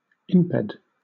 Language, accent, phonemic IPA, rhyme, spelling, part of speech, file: English, Southern England, /ˈɪmpɛd/, -ɪmpɛd, imped, noun, LL-Q1860 (eng)-imped.wav
- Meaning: a creature without feet